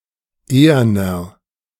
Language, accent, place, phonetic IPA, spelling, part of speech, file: German, Germany, Berlin, [ˈeːɐnɐ], eherner, adjective, De-eherner.ogg
- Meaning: inflection of ehern: 1. strong/mixed nominative masculine singular 2. strong genitive/dative feminine singular 3. strong genitive plural